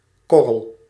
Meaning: a grain, a pellet (particle of a granular substance)
- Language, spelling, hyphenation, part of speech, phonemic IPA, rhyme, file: Dutch, korrel, kor‧rel, noun, /ˈkɔ.rəl/, -ɔrəl, Nl-korrel.ogg